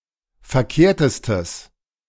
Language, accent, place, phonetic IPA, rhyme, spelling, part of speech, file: German, Germany, Berlin, [fɛɐ̯ˈkeːɐ̯təstəs], -eːɐ̯təstəs, verkehrtestes, adjective, De-verkehrtestes.ogg
- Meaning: strong/mixed nominative/accusative neuter singular superlative degree of verkehrt